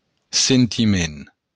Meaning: 1. feeling (emotion; impression) 2. feeling, intuition 3. sentiment, emotion
- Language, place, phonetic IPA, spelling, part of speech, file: Occitan, Béarn, [sentiˈmen], sentiment, noun, LL-Q14185 (oci)-sentiment.wav